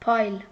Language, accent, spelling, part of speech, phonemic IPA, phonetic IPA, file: Armenian, Eastern Armenian, փայլ, noun, /pʰɑjl/, [pʰɑjl], Hy-փայլ.ogg
- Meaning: 1. glitter, lustre, brilliance; shine; radiance 2. magnificence, gorgeousness; lustre